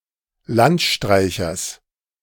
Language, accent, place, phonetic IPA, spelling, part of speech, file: German, Germany, Berlin, [ˈlantˌʃtʁaɪ̯çɐs], Landstreichers, noun, De-Landstreichers.ogg
- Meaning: genitive of Landstreicher